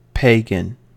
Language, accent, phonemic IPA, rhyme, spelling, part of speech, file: English, US, /ˈpeɪɡən/, -eɪɡən, pagan, adjective / noun, En-us-pagan.ogg
- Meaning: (adjective) 1. Relating to, characteristic of religions that differ from main world religions 2. Savage, immoral, uncivilized, wild